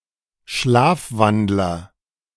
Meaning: sleepwalker
- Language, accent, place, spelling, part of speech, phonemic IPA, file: German, Germany, Berlin, Schlafwandler, noun, /ˈʃlaːfˌvandlɐ/, De-Schlafwandler.ogg